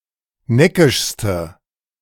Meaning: inflection of neckisch: 1. strong/mixed nominative/accusative feminine singular superlative degree 2. strong nominative/accusative plural superlative degree
- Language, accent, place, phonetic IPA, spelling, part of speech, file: German, Germany, Berlin, [ˈnɛkɪʃstə], neckischste, adjective, De-neckischste.ogg